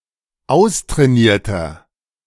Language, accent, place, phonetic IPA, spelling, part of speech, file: German, Germany, Berlin, [ˈaʊ̯stʁɛːˌniːɐ̯tɐ], austrainierter, adjective, De-austrainierter.ogg
- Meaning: 1. comparative degree of austrainiert 2. inflection of austrainiert: strong/mixed nominative masculine singular 3. inflection of austrainiert: strong genitive/dative feminine singular